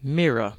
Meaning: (noun) A smooth surface, usually made of glass with reflective material painted on the underside, that reflects light so as to give an image of what is in front of it
- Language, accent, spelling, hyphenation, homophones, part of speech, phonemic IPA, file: English, Received Pronunciation, mirror, mir‧ror, mere / myrrh, noun / verb, /ˈmɪɹə/, En-uk-mirror.ogg